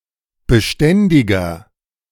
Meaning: 1. comparative degree of beständig 2. inflection of beständig: strong/mixed nominative masculine singular 3. inflection of beständig: strong genitive/dative feminine singular
- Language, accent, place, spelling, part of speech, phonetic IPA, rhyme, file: German, Germany, Berlin, beständiger, adjective, [bəˈʃtɛndɪɡɐ], -ɛndɪɡɐ, De-beständiger.ogg